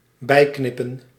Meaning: to trim (with scissors)
- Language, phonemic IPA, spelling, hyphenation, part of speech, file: Dutch, /ˈbɛi̯knɪpə(n)/, bijknippen, bij‧knip‧pen, verb, Nl-bijknippen.ogg